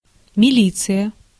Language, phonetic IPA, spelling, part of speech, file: Russian, [mʲɪˈlʲit͡sɨjə], милиция, noun, Ru-милиция.ogg
- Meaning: 1. police, militsia (during the Soviet period and in some post-Soviet successor states) 2. militia (in the Russian Empire)